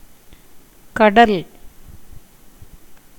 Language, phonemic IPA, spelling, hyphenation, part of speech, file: Tamil, /kɐɖɐl/, கடல், க‧டல், noun, Ta-கடல்.ogg
- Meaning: ocean, sea